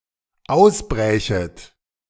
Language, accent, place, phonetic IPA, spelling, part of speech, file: German, Germany, Berlin, [ˈaʊ̯sˌbʁɛːçət], ausbrächet, verb, De-ausbrächet.ogg
- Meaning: second-person plural dependent subjunctive II of ausbrechen